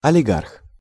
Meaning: oligarch
- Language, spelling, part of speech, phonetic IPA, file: Russian, олигарх, noun, [ɐlʲɪˈɡarx], Ru-олигарх.ogg